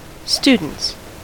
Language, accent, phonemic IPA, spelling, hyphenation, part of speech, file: English, US, /ˈstudn̩ts/, students, stu‧dents, noun, En-us-students.ogg
- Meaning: plural of student